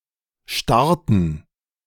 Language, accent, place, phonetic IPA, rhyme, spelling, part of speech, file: German, Germany, Berlin, [ˈʃtaʁtn̩], -aʁtn̩, starrten, verb, De-starrten.ogg
- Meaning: inflection of starren: 1. first/third-person plural preterite 2. first/third-person plural subjunctive II